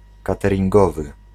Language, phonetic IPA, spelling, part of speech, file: Polish, [ˌkatɛrʲĩŋˈɡɔvɨ], cateringowy, adjective, Pl-cateringowy.ogg